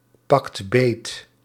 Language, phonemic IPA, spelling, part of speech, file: Dutch, /ˈpɑkt ˈbet/, pakt beet, verb, Nl-pakt beet.ogg
- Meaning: inflection of beetpakken: 1. second/third-person singular present indicative 2. plural imperative